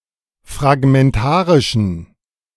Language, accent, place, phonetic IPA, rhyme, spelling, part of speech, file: German, Germany, Berlin, [fʁaɡmɛnˈtaːʁɪʃn̩], -aːʁɪʃn̩, fragmentarischen, adjective, De-fragmentarischen.ogg
- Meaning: inflection of fragmentarisch: 1. strong genitive masculine/neuter singular 2. weak/mixed genitive/dative all-gender singular 3. strong/weak/mixed accusative masculine singular 4. strong dative plural